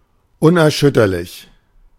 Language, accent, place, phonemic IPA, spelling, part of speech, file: German, Germany, Berlin, /ʊnʔɛɐ̯ˈʃʏtɐlɪç/, unerschütterlich, adjective, De-unerschütterlich.ogg
- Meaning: imperturbable, unshakeable, unflappable, unwavering